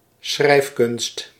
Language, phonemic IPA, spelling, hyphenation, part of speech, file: Dutch, /ˈsxrɛi̯f.kʏnst/, schrijfkunst, schrijf‧kunst, noun, Nl-schrijfkunst.ogg
- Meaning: writing, the art of writing, the ability to write